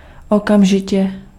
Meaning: immediately, right away
- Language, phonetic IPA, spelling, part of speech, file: Czech, [ˈokamʒɪcɛ], okamžitě, adverb, Cs-okamžitě.ogg